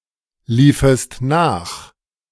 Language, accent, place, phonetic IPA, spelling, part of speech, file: German, Germany, Berlin, [ˌliːfəst ˈnaːx], liefest nach, verb, De-liefest nach.ogg
- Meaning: second-person singular subjunctive II of nachlaufen